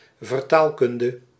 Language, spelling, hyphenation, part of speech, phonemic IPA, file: Dutch, vertaalkunde, ver‧taal‧kun‧de, noun, /vərˈtaːlˌkʏn.də/, Nl-vertaalkunde.ogg
- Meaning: translation studies